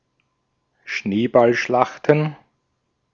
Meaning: plural of Schneeballschlacht
- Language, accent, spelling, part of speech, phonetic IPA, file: German, Austria, Schneeballschlachten, noun, [ˈʃneːbalˌʃlaxtn̩], De-at-Schneeballschlachten.ogg